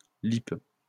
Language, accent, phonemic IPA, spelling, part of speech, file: French, France, /lip/, lippe, noun, LL-Q150 (fra)-lippe.wav
- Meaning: a lip, especially the lower one when it is large or protruded